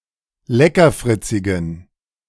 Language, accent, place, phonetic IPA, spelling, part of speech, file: German, Germany, Berlin, [ˈlɛkɐˌfʁɪt͡sɪɡn̩], leckerfritzigen, adjective, De-leckerfritzigen.ogg
- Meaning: inflection of leckerfritzig: 1. strong genitive masculine/neuter singular 2. weak/mixed genitive/dative all-gender singular 3. strong/weak/mixed accusative masculine singular 4. strong dative plural